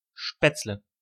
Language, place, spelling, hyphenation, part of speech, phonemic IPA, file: German, Berlin, Spätzle, Spätz‧le, noun, /ˈʃpɛt͡slə/, De-Spätzle.ogg
- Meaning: spaetzle (southern German kind of noodles)